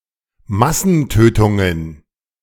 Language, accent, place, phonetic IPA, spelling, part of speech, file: German, Germany, Berlin, [ˈmasn̩ˌtøːtʊŋən], Massentötungen, noun, De-Massentötungen.ogg
- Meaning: plural of Massentötung